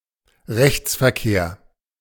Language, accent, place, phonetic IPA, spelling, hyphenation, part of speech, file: German, Germany, Berlin, [ˈrɛçt͜sfɛɐ̯keːɐ̯], Rechtsverkehr, Rechts‧ver‧kehr, noun, De-Rechtsverkehr.ogg
- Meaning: 1. right-hand driving, driving on the right 2. legal dealings 3. legal relations